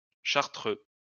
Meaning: of the Carthusian Order
- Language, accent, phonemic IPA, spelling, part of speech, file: French, France, /ʃaʁ.tʁø/, chartreux, adjective, LL-Q150 (fra)-chartreux.wav